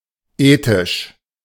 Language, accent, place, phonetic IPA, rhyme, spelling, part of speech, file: German, Germany, Berlin, [ˈeːtɪʃ], -eːtɪʃ, ethisch, adjective, De-ethisch.ogg
- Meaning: ethic, ethical